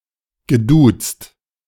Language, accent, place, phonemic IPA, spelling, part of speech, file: German, Germany, Berlin, /ɡəˈduːtst/, geduzt, verb, De-geduzt.ogg
- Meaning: past participle of duzen